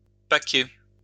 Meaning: to pack (fish) in a box for transportation
- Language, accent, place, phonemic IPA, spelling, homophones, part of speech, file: French, France, Lyon, /pa.ke/, paquer, paquai / paqué / paquée / paquées / paqués, verb, LL-Q150 (fra)-paquer.wav